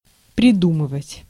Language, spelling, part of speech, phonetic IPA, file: Russian, придумывать, verb, [prʲɪˈdumɨvətʲ], Ru-придумывать.ogg
- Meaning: to make up, to think up, to devise, to contrive, to invent